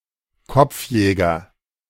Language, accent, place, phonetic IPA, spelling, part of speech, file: German, Germany, Berlin, [ˈkɔp͡fˌjɛːɡɐ], Kopfjäger, noun, De-Kopfjäger.ogg
- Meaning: headhunter